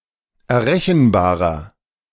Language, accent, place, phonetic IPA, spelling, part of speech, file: German, Germany, Berlin, [ɛɐ̯ˈʁɛçn̩ˌbaːʁɐ], errechenbarer, adjective, De-errechenbarer.ogg
- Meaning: inflection of errechenbar: 1. strong/mixed nominative masculine singular 2. strong genitive/dative feminine singular 3. strong genitive plural